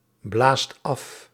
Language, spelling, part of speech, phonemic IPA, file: Dutch, blaast af, verb, /ˈblast ˈɑf/, Nl-blaast af.ogg
- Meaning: inflection of afblazen: 1. second/third-person singular present indicative 2. plural imperative